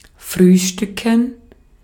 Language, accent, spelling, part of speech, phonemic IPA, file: German, Austria, frühstücken, verb, /ˈfʁyːˌʃtʏkən/, De-at-frühstücken.ogg
- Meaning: 1. to have breakfast, to breakfast (to eat the morning meal) 2. to have something for breakfast (to eat as one's morning meal)